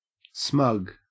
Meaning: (adjective) 1. Irritatingly pleased with oneself; offensively self-complacent, self-satisfied 2. Showing smugness; showing self-complacency, self-satisfaction
- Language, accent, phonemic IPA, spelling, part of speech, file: English, Australia, /smɐɡ/, smug, adjective / verb / noun, En-au-smug.ogg